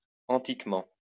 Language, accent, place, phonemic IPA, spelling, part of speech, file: French, France, Lyon, /ɑ̃.tik.mɑ̃/, antiquement, adverb, LL-Q150 (fra)-antiquement.wav
- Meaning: anciently, long ago